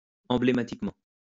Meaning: emblematically
- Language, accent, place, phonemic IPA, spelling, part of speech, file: French, France, Lyon, /ɑ̃.ble.ma.tik.mɑ̃/, emblématiquement, adverb, LL-Q150 (fra)-emblématiquement.wav